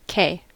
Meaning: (noun) 1. The name of the Latin script letter K/k 2. A kilometer 3. A thousand of some unit (from kilo-) 4. Dated form of cay; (interjection) Apheretic form of okay
- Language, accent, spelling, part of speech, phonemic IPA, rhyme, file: English, US, kay, noun / interjection, /keɪ/, -eɪ, En-us-kay.ogg